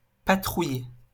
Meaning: to patrol
- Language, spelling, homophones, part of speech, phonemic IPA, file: French, patrouiller, patrouillai / patrouillé / patrouillée / patrouillées / patrouillés / patrouillez, verb, /pa.tʁu.je/, LL-Q150 (fra)-patrouiller.wav